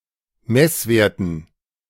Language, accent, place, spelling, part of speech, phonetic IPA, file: German, Germany, Berlin, Messwerten, noun, [ˈmɛsˌveːɐ̯tn̩], De-Messwerten.ogg
- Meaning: dative plural of Messwert